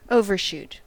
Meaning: 1. To go past something; to go too far 2. To shoot beyond; to shoot too far to hit something 3. To pass swiftly over; to fly beyond 4. To exceed 5. To venture too far; to overreach (oneself)
- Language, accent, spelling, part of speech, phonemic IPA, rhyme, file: English, US, overshoot, verb, /ˌoʊ.vɚˈʃut/, -uːt, En-us-overshoot.ogg